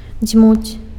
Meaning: to blow (air)
- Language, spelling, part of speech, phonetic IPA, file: Belarusian, дзьмуць, verb, [d͡zʲmut͡sʲ], Be-дзьмуць.ogg